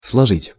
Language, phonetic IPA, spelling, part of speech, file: Russian, [sɫɐˈʐɨtʲ], сложить, verb, Ru-сложить.ogg
- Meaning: 1. to lay together, to put together, to pile up, to heap, to stack 2. to pack up 3. to add, to sum up 4. to make, to assemble, to put together 5. song, rhyme to compose, to make up 6. to fold